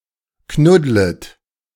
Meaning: second-person plural subjunctive I of knuddeln
- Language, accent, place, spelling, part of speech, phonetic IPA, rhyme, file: German, Germany, Berlin, knuddlet, verb, [ˈknʊdlət], -ʊdlət, De-knuddlet.ogg